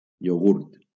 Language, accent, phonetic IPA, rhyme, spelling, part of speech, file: Catalan, Valencia, [joˈɣuɾt], -uɾt, iogurt, noun, LL-Q7026 (cat)-iogurt.wav
- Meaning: yoghurt